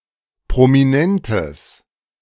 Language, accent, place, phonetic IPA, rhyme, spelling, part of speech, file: German, Germany, Berlin, [pʁomiˈnɛntəs], -ɛntəs, prominentes, adjective, De-prominentes.ogg
- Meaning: strong/mixed nominative/accusative neuter singular of prominent